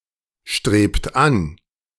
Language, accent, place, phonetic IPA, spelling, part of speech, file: German, Germany, Berlin, [ˌʃtʁeːpt ˈan], strebt an, verb, De-strebt an.ogg
- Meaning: inflection of anstreben: 1. second-person plural present 2. third-person singular present 3. plural imperative